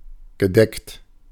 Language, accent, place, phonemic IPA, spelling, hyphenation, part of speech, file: German, Germany, Berlin, /ɡəˈdɛkt/, gedeckt, ge‧deckt, verb / adjective, De-gedeckt.ogg
- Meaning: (verb) past participle of decken; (adjective) 1. covered 2. laid (of a table) 3. sober (of a color)